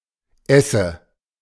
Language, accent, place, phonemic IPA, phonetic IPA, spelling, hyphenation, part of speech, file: German, Germany, Berlin, /ˈɛsə/, [ˈʔɛ.sə], Esse, Es‧se, noun, De-Esse.ogg
- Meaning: 1. chimney-hood over a stove 2. existence